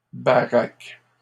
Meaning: plural of baraque
- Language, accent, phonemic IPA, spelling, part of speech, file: French, Canada, /ba.ʁak/, baraques, noun, LL-Q150 (fra)-baraques.wav